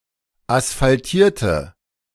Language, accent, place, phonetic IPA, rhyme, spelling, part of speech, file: German, Germany, Berlin, [asfalˈtiːɐ̯tə], -iːɐ̯tə, asphaltierte, adjective / verb, De-asphaltierte.ogg
- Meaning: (verb) inflection of asphaltiert: 1. strong/mixed nominative/accusative feminine singular 2. strong nominative/accusative plural 3. weak nominative all-gender singular